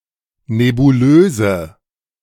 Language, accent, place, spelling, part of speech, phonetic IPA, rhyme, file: German, Germany, Berlin, nebulöse, adjective, [nebuˈløːzə], -øːzə, De-nebulöse.ogg
- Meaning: inflection of nebulös: 1. strong/mixed nominative/accusative feminine singular 2. strong nominative/accusative plural 3. weak nominative all-gender singular 4. weak accusative feminine/neuter singular